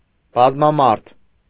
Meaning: crowded, overpeopled, populous, multitudinous
- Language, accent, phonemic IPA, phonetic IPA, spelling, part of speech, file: Armenian, Eastern Armenian, /bɑzmɑˈmɑɾtʰ/, [bɑzmɑmɑ́ɾtʰ], բազմամարդ, adjective, Hy-բազմամարդ.ogg